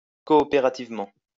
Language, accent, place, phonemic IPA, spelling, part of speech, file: French, France, Lyon, /kɔ.ɔ.pe.ʁa.tiv.mɑ̃/, coopérativement, adverb, LL-Q150 (fra)-coopérativement.wav
- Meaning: cooperatively